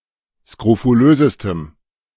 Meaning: strong dative masculine/neuter singular superlative degree of skrofulös
- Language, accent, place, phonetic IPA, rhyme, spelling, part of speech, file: German, Germany, Berlin, [skʁofuˈløːzəstəm], -øːzəstəm, skrofulösestem, adjective, De-skrofulösestem.ogg